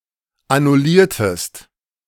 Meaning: inflection of annullieren: 1. second-person singular preterite 2. second-person singular subjunctive II
- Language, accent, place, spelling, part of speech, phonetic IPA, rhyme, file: German, Germany, Berlin, annulliertest, verb, [anʊˈliːɐ̯təst], -iːɐ̯təst, De-annulliertest.ogg